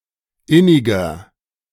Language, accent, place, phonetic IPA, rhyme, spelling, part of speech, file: German, Germany, Berlin, [ˈɪnɪɡɐ], -ɪnɪɡɐ, inniger, adjective, De-inniger.ogg
- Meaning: 1. comparative degree of innig 2. inflection of innig: strong/mixed nominative masculine singular 3. inflection of innig: strong genitive/dative feminine singular